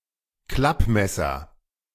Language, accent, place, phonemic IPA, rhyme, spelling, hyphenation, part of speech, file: German, Germany, Berlin, /ˈklapˌmɛsɐ/, -apmɛsɐ, Klappmesser, Klapp‧mes‧ser, noun, De-Klappmesser.ogg
- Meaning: 1. jack-knife 2. jack-knife (abdominal exercise)